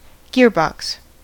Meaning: 1. An enclosed gear train 2. That part of a car's transmission containing the train of gears, and to which the gear lever is connected
- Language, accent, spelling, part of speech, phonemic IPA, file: English, US, gearbox, noun, /ˈɡɪəɹˌbɒks/, En-us-gearbox.ogg